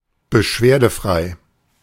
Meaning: complaint-free
- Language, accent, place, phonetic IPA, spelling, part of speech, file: German, Germany, Berlin, [bəˈʃveːɐ̯dəˌfʁaɪ̯], beschwerdefrei, adjective, De-beschwerdefrei.ogg